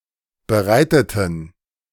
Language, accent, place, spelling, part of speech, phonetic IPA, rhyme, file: German, Germany, Berlin, bereiteten, adjective / verb, [bəˈʁaɪ̯tətn̩], -aɪ̯tətn̩, De-bereiteten.ogg
- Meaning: inflection of bereiten: 1. first/third-person plural preterite 2. first/third-person plural subjunctive II